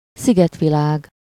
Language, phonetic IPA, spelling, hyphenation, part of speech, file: Hungarian, [ˈsiɡɛtvilaːɡ], szigetvilág, szi‧get‧vi‧lág, noun, Hu-szigetvilág.ogg
- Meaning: archipelago